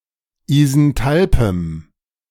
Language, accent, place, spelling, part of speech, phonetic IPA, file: German, Germany, Berlin, isenthalpem, adjective, [izɛnˈtalpəm], De-isenthalpem.ogg
- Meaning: strong dative masculine/neuter singular of isenthalp